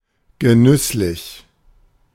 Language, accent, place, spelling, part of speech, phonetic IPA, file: German, Germany, Berlin, genüsslich, adjective, [ɡəˈnʏslɪç], De-genüsslich.ogg
- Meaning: pleasurable